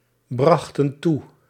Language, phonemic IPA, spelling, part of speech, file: Dutch, /ˈbrɑxtə(n) ˈtu/, brachten toe, verb, Nl-brachten toe.ogg
- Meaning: inflection of toebrengen: 1. plural past indicative 2. plural past subjunctive